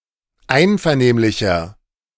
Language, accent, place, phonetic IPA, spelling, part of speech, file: German, Germany, Berlin, [ˈaɪ̯nfɛɐ̯ˌneːmlɪçɐ], einvernehmlicher, adjective, De-einvernehmlicher.ogg
- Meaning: inflection of einvernehmlich: 1. strong/mixed nominative masculine singular 2. strong genitive/dative feminine singular 3. strong genitive plural